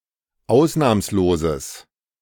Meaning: strong/mixed nominative/accusative neuter singular of ausnahmslos
- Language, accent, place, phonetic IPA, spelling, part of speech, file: German, Germany, Berlin, [ˈaʊ̯snaːmsloːzəs], ausnahmsloses, adjective, De-ausnahmsloses.ogg